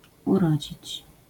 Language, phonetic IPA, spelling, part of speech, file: Polish, [uˈrɔd͡ʑit͡ɕ], urodzić, verb, LL-Q809 (pol)-urodzić.wav